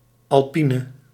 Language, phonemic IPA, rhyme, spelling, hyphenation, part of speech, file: Dutch, /ˌɑlˈpi.nə/, -inə, alpine, al‧pi‧ne, adjective, Nl-alpine.ogg
- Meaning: alternative form of alpien